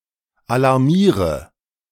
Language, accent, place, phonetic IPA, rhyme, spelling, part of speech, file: German, Germany, Berlin, [alaʁˈmiːʁə], -iːʁə, alarmiere, verb, De-alarmiere.ogg
- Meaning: inflection of alarmieren: 1. first-person singular present 2. singular imperative 3. first/third-person singular subjunctive I